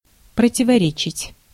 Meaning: 1. to contradict 2. to contrary, to be at variance, to conflict
- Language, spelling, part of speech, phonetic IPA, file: Russian, противоречить, verb, [prətʲɪvɐˈrʲet͡ɕɪtʲ], Ru-противоречить.ogg